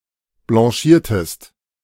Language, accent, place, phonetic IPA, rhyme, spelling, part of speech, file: German, Germany, Berlin, [blɑ̃ˈʃiːɐ̯təst], -iːɐ̯təst, blanchiertest, verb, De-blanchiertest.ogg
- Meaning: inflection of blanchieren: 1. second-person singular preterite 2. second-person singular subjunctive II